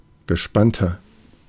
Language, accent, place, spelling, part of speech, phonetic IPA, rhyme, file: German, Germany, Berlin, gespannter, adjective, [ɡəˈʃpantɐ], -antɐ, De-gespannter.ogg
- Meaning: 1. comparative degree of gespannt 2. inflection of gespannt: strong/mixed nominative masculine singular 3. inflection of gespannt: strong genitive/dative feminine singular